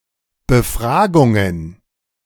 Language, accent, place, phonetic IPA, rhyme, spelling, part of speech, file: German, Germany, Berlin, [bəˈfʁaːɡʊŋən], -aːɡʊŋən, Befragungen, noun, De-Befragungen.ogg
- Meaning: plural of Befragung